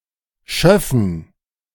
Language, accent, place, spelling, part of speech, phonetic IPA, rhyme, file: German, Germany, Berlin, Schöffen, noun, [ˈʃœfn̩], -œfn̩, De-Schöffen.ogg
- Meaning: 1. genitive singular of Schöffe 2. plural of Schöffe